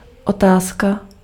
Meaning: question
- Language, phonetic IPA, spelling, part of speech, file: Czech, [ˈotaːska], otázka, noun, Cs-otázka.ogg